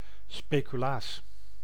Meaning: speculoos (type of spiced biscuit)
- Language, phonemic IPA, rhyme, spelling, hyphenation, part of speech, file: Dutch, /ˌspeː.kyˈlaːs/, -aːs, speculaas, spe‧cu‧laas, noun, Nl-speculaas.ogg